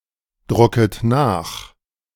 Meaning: second-person plural subjunctive I of nachdrucken
- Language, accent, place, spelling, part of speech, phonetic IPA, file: German, Germany, Berlin, drucket nach, verb, [ˌdʁʊkət ˈnaːx], De-drucket nach.ogg